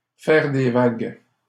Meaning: to make waves; to rock the boat
- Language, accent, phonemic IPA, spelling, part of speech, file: French, Canada, /fɛʁ de vaɡ/, faire des vagues, verb, LL-Q150 (fra)-faire des vagues.wav